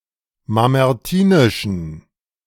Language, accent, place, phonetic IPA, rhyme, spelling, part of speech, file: German, Germany, Berlin, [mamɛʁˈtiːnɪʃn̩], -iːnɪʃn̩, mamertinischen, adjective, De-mamertinischen.ogg
- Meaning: inflection of mamertinisch: 1. strong genitive masculine/neuter singular 2. weak/mixed genitive/dative all-gender singular 3. strong/weak/mixed accusative masculine singular 4. strong dative plural